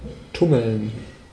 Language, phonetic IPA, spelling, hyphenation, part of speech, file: German, [ˈtʊml̩n], tummeln, tum‧meln, verb, De-tummeln.ogg
- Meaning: 1. to frisk, romp (move about energetically and cheerfully) 2. to abound, to be somewhere in large numbers 3. to hurry, to get on with something, to get moving